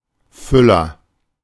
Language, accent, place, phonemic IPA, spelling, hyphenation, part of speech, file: German, Germany, Berlin, /ˈfʏlɐ/, Füller, Fül‧ler, noun / proper noun, De-Füller.ogg
- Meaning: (noun) 1. fountain pen (pen containing a reservoir of ink fed to a writing nib) 2. filler; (proper noun) a surname